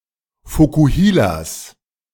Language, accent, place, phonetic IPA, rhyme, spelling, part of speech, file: German, Germany, Berlin, [fokuˈhiːlas], -iːlas, Vokuhilas, noun, De-Vokuhilas.ogg
- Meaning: plural of Vokuhila